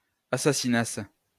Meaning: second-person singular imperfect subjunctive of assassiner
- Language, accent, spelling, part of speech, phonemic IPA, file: French, France, assassinasses, verb, /a.sa.si.nas/, LL-Q150 (fra)-assassinasses.wav